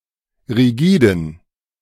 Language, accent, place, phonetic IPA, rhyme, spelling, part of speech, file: German, Germany, Berlin, [ʁiˈɡiːdn̩], -iːdn̩, rigiden, adjective, De-rigiden.ogg
- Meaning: inflection of rigide: 1. strong genitive masculine/neuter singular 2. weak/mixed genitive/dative all-gender singular 3. strong/weak/mixed accusative masculine singular 4. strong dative plural